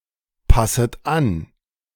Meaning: second-person plural subjunctive I of anpassen
- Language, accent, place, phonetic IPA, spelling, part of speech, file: German, Germany, Berlin, [ˌpasət ˈan], passet an, verb, De-passet an.ogg